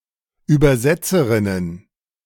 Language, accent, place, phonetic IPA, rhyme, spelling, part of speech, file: German, Germany, Berlin, [ˌyːbɐˈzɛt͡səʁɪnən], -ɛt͡səʁɪnən, Übersetzerinnen, noun, De-Übersetzerinnen.ogg
- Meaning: plural of Übersetzerin